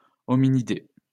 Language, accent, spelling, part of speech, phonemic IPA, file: French, France, hominidé, noun, /ɔ.mi.ni.de/, LL-Q150 (fra)-hominidé.wav
- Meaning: hominid